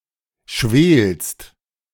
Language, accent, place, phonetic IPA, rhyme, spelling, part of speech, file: German, Germany, Berlin, [ʃveːlst], -eːlst, schwelst, verb, De-schwelst.ogg
- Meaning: second-person singular present of schwelen